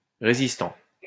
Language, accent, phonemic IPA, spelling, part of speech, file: French, France, /ʁe.zis.tɑ̃/, résistant, noun / adjective / verb, LL-Q150 (fra)-résistant.wav
- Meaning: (noun) resistant (member of a resistance movement); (adjective) resistant; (verb) present participle of résister